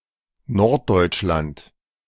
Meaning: northern Germany, specifically: the territories of Germany within the former North German Confederation
- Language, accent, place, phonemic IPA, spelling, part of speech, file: German, Germany, Berlin, /ˈnɔʁt.dɔʏ̯tʃ.lant/, Norddeutschland, proper noun, De-Norddeutschland.ogg